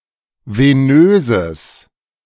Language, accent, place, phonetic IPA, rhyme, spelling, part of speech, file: German, Germany, Berlin, [veˈnøːzəs], -øːzəs, venöses, adjective, De-venöses.ogg
- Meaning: strong/mixed nominative/accusative neuter singular of venös